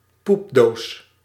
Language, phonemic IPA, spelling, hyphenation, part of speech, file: Dutch, /ˈpup.doːs/, poepdoos, poep‧doos, noun, Nl-poepdoos.ogg
- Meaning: a privy, an outhouse, a backside, a backhouse